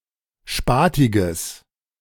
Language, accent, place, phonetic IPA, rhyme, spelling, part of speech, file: German, Germany, Berlin, [ˈʃpaːtɪɡəs], -aːtɪɡəs, spatiges, adjective, De-spatiges.ogg
- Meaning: strong/mixed nominative/accusative neuter singular of spatig